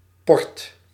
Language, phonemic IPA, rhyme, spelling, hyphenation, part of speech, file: Dutch, /pɔrt/, -ɔrt, port, port, noun / verb, Nl-port.ogg
- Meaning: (noun) 1. postage 2. port, port wine, Porto; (verb) inflection of porren: 1. second/third-person singular present indicative 2. plural imperative